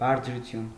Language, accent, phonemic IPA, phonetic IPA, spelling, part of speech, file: Armenian, Eastern Armenian, /bɑɾt͡sʰɾuˈtʰjun/, [bɑɾt͡sʰɾut͡sʰjún], բարձրություն, noun, Hy-բարձրություն.ogg
- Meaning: 1. height (of a non-human object) 2. altitude 3. ridge, hill, high place 4. volume (of a sound) 5. pitch (of a sound) 6. loftiness, elevation, grandeur